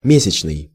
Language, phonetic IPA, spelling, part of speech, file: Russian, [ˈmʲesʲɪt͡ɕnɨj], месячный, adjective, Ru-месячный.ogg
- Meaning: 1. monthly 2. month-long 3. month-old 4. moon 5. moonlit